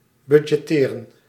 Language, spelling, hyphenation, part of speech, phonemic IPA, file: Dutch, budgetteren, bud‧get‧te‧ren, verb, /ˈbʏ.dʒɛˈteː.rə(n)/, Nl-budgetteren.ogg
- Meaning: to budget, to plan (into) a budget